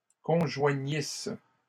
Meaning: second-person singular imperfect subjunctive of conjoindre
- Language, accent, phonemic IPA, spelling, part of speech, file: French, Canada, /kɔ̃.ʒwa.ɲis/, conjoignisses, verb, LL-Q150 (fra)-conjoignisses.wav